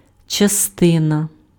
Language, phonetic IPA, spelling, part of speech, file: Ukrainian, [t͡ʃɐˈstɪnɐ], частина, noun, Uk-частина.ogg
- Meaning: part